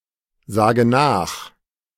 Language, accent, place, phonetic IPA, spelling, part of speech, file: German, Germany, Berlin, [ˌzaːɡə ˈnaːx], sage nach, verb, De-sage nach.ogg
- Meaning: inflection of nachsagen: 1. first-person singular present 2. first/third-person singular subjunctive I 3. singular imperative